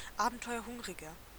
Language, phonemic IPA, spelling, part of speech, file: German, /ˈaːbn̩tɔɪ̯ɐˌhʊŋʁɪɡɐ/, abenteuerhungriger, adjective, De-abenteuerhungriger.ogg
- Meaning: 1. comparative degree of abenteuerhungrig 2. inflection of abenteuerhungrig: strong/mixed nominative masculine singular 3. inflection of abenteuerhungrig: strong genitive/dative feminine singular